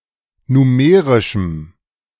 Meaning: strong dative masculine/neuter singular of numerisch
- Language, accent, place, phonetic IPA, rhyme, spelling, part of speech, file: German, Germany, Berlin, [nuˈmeːʁɪʃm̩], -eːʁɪʃm̩, numerischem, adjective, De-numerischem.ogg